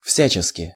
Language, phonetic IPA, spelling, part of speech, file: Russian, [ˈfsʲæt͡ɕɪskʲɪ], всячески, adverb, Ru-всячески.ogg
- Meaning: everyway (in every way, however possible)